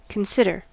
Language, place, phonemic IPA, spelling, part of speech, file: English, California, /kənˈsɪd.əɹ/, consider, verb, En-us-consider.ogg
- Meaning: 1. To think about seriously 2. To think about something seriously or carefully: to deliberate 3. To think about whether one will do (an action); to weigh as a possible course of action